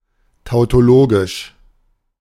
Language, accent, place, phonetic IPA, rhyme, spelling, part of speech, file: German, Germany, Berlin, [taʊ̯toˈloːɡɪʃ], -oːɡɪʃ, tautologisch, adjective, De-tautologisch.ogg
- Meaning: tautological